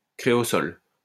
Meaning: creosol
- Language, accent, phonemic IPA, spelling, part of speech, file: French, France, /kʁe.ɔ.zɔl/, créosol, noun, LL-Q150 (fra)-créosol.wav